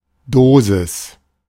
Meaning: 1. dose 2. a shot (of an illicit drug)
- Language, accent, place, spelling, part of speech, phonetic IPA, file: German, Germany, Berlin, Dosis, noun, [ˈdoːzɪs], De-Dosis.ogg